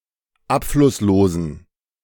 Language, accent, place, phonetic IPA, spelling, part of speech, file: German, Germany, Berlin, [ˈapflʊsˌloːzn̩], abflusslosen, adjective, De-abflusslosen.ogg
- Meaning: inflection of abflusslos: 1. strong genitive masculine/neuter singular 2. weak/mixed genitive/dative all-gender singular 3. strong/weak/mixed accusative masculine singular 4. strong dative plural